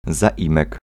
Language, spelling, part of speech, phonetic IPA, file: Polish, zaimek, noun, [zaˈʲĩmɛk], Pl-zaimek.ogg